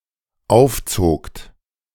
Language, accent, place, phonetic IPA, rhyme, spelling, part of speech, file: German, Germany, Berlin, [ˈaʊ̯fˌt͡soːkt], -aʊ̯ft͡soːkt, aufzogt, verb, De-aufzogt.ogg
- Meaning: second-person plural dependent preterite of aufziehen